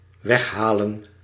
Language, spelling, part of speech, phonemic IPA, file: Dutch, weghalen, verb, /ˈwɛxhalə(n)/, Nl-weghalen.ogg
- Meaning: to take away, remove